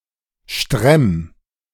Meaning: 1. singular imperative of stremmen 2. first-person singular present of stremmen
- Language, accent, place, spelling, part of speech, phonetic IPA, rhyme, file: German, Germany, Berlin, stremm, verb, [ʃtʁɛm], -ɛm, De-stremm.ogg